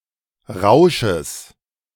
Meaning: genitive singular of Rausch
- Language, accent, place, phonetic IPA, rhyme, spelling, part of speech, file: German, Germany, Berlin, [ˈʁaʊ̯ʃəs], -aʊ̯ʃəs, Rausches, noun, De-Rausches.ogg